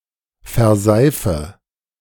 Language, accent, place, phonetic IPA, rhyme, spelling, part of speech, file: German, Germany, Berlin, [fɛɐ̯ˈzaɪ̯fə], -aɪ̯fə, verseife, verb, De-verseife.ogg
- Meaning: inflection of verseifen: 1. first-person singular present 2. first/third-person singular subjunctive I 3. singular imperative